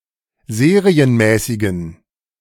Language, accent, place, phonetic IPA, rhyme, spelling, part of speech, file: German, Germany, Berlin, [ˈzeːʁiənˌmɛːsɪɡn̩], -eːʁiənmɛːsɪɡn̩, serienmäßigen, adjective, De-serienmäßigen.ogg
- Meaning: inflection of serienmäßig: 1. strong genitive masculine/neuter singular 2. weak/mixed genitive/dative all-gender singular 3. strong/weak/mixed accusative masculine singular 4. strong dative plural